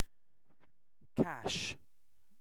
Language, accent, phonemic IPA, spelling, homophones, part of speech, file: English, UK, /kæʃ/, cache, cash, noun / verb, En-uk-cache.ogg